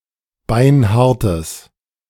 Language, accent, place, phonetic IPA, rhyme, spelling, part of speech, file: German, Germany, Berlin, [ˈbaɪ̯nˈhaʁtəs], -aʁtəs, beinhartes, adjective, De-beinhartes.ogg
- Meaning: strong/mixed nominative/accusative neuter singular of beinhart